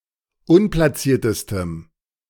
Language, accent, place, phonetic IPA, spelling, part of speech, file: German, Germany, Berlin, [ˈʊnplasiːɐ̯təstəm], unplaciertestem, adjective, De-unplaciertestem.ogg
- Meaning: strong dative masculine/neuter singular superlative degree of unplaciert